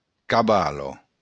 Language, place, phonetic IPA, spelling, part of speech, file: Occitan, Béarn, [kaˈβalo], cavala, noun, LL-Q14185 (oci)-cavala.wav
- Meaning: mare